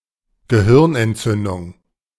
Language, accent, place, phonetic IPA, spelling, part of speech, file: German, Germany, Berlin, [ɡəˈhɪʁnʔɛntˌt͡sʏndʊŋ], Gehirnentzündung, noun, De-Gehirnentzündung.ogg
- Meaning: encephalitis (inflammation of the brain)